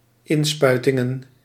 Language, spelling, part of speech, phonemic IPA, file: Dutch, inspuitingen, noun, /ˈɪnspœytɪŋə(n)/, Nl-inspuitingen.ogg
- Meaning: plural of inspuiting